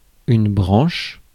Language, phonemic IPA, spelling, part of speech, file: French, /bʁɑ̃ʃ/, branche, noun / verb, Fr-branche.ogg
- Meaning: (noun) 1. branch (of tree) 2. branch (of an organization); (verb) inflection of brancher: 1. first/third-person singular present indicative/subjunctive 2. second-person singular imperative